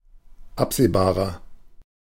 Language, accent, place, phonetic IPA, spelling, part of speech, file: German, Germany, Berlin, [ˈapz̥eːˌbaːʁɐ], absehbarer, adjective, De-absehbarer.ogg
- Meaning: inflection of absehbar: 1. strong/mixed nominative masculine singular 2. strong genitive/dative feminine singular 3. strong genitive plural